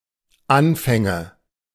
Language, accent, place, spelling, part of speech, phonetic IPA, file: German, Germany, Berlin, Anfänge, noun, [ˈanfɛŋə], De-Anfänge.ogg
- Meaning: nominative/accusative/genitive plural of Anfang